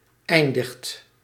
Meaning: inflection of eindigen: 1. second/third-person singular present indicative 2. plural imperative
- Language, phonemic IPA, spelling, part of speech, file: Dutch, /ˈɛindəxt/, eindigt, verb, Nl-eindigt.ogg